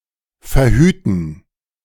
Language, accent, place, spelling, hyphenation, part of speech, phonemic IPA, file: German, Germany, Berlin, verhüten, ver‧hü‧ten, verb, /fɛɐ̯ˈhyːtn̩/, De-verhüten.ogg
- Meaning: 1. to prevent, avert 2. to use contraception